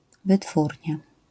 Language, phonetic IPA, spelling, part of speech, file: Polish, [vɨˈtfurʲɲa], wytwórnia, noun, LL-Q809 (pol)-wytwórnia.wav